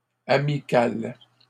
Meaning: feminine singular of amical
- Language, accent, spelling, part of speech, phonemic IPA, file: French, Canada, amicale, adjective, /a.mi.kal/, LL-Q150 (fra)-amicale.wav